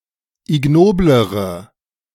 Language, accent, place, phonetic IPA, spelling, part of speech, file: German, Germany, Berlin, [ɪˈɡnoːbləʁə], ignoblere, adjective, De-ignoblere.ogg
- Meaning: inflection of ignobel: 1. strong/mixed nominative/accusative feminine singular comparative degree 2. strong nominative/accusative plural comparative degree